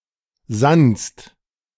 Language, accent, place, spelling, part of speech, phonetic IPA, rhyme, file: German, Germany, Berlin, sannst, verb, [zanst], -anst, De-sannst.ogg
- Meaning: second-person singular preterite of sinnen